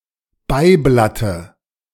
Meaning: dative singular of Beiblatt
- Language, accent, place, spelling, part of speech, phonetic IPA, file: German, Germany, Berlin, Beiblatte, noun, [ˈbaɪ̯ˌblatə], De-Beiblatte.ogg